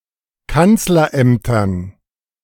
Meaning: dative plural of Kanzleramt
- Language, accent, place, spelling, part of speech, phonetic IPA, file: German, Germany, Berlin, Kanzlerämtern, noun, [ˈkant͡slɐˌʔɛmtɐn], De-Kanzlerämtern.ogg